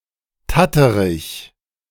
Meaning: 1. shakes 2. dodderer
- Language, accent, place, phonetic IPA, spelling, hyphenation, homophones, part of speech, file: German, Germany, Berlin, [ˈtatəʁɪç], Tatterich, Tat‧te‧rich, tatterig, noun, De-Tatterich.ogg